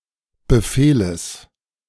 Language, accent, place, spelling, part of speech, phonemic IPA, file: German, Germany, Berlin, Befehles, noun, /bəˈfeːləs/, De-Befehles.ogg
- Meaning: genitive singular of Befehl